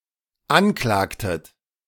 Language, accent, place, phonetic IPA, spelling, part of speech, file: German, Germany, Berlin, [ˈanˌklaːktət], anklagtet, verb, De-anklagtet.ogg
- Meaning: inflection of anklagen: 1. second-person plural dependent preterite 2. second-person plural dependent subjunctive II